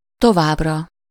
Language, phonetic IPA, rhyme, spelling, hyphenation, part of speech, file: Hungarian, [ˈtovaːbrɒ], -rɒ, továbbra, to‧vább‧ra, adverb, Hu-továbbra.ogg
- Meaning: for the future, in the future, still (indicates something that is continued even after a certain point of time)